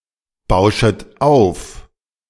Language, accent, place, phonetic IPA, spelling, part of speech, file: German, Germany, Berlin, [ˌbaʊ̯ʃət ˈaʊ̯f], bauschet auf, verb, De-bauschet auf.ogg
- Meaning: second-person plural subjunctive I of aufbauschen